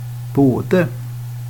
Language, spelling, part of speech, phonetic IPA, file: Swedish, både, conjunction, [²boə̯d̪ɛ̠], Sv-både.ogg
- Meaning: both; each of (out of two)